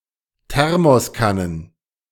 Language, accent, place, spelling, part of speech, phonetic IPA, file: German, Germany, Berlin, Thermoskannen, noun, [ˈtɛʁmɔsˌkanən], De-Thermoskannen.ogg
- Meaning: plural of Thermoskanne